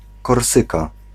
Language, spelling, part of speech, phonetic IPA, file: Polish, Korsyka, proper noun, [kɔrˈsɨka], Pl-Korsyka.ogg